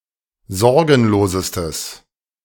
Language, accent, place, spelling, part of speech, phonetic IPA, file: German, Germany, Berlin, sorgenlosestes, adjective, [ˈzɔʁɡn̩loːzəstəs], De-sorgenlosestes.ogg
- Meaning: strong/mixed nominative/accusative neuter singular superlative degree of sorgenlos